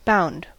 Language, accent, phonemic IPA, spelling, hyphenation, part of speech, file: English, US, /ˈbaʊ̯nd/, bound, bound, verb / adjective / noun, En-us-bound.ogg
- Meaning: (verb) simple past and past participle of bind; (adjective) 1. Obliged (to) 2. That cannot stand alone as a free word 3. Constrained by a quantifier 4. Constipated; costive